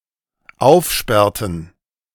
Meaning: inflection of aufsperren: 1. first/third-person plural dependent preterite 2. first/third-person plural dependent subjunctive II
- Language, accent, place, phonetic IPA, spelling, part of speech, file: German, Germany, Berlin, [ˈaʊ̯fˌʃpɛʁtn̩], aufsperrten, verb, De-aufsperrten.ogg